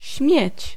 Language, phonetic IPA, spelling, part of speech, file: Polish, [ɕmʲjɛ̇t͡ɕ], śmieć, noun / verb, Pl-śmieć.ogg